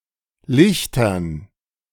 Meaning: dative plural of Licht
- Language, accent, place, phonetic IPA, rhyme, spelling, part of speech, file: German, Germany, Berlin, [ˈlɪçtɐn], -ɪçtɐn, Lichtern, noun, De-Lichtern.ogg